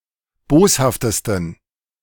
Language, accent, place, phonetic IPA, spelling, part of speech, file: German, Germany, Berlin, [ˈboːshaftəstn̩], boshaftesten, adjective, De-boshaftesten.ogg
- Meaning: 1. superlative degree of boshaft 2. inflection of boshaft: strong genitive masculine/neuter singular superlative degree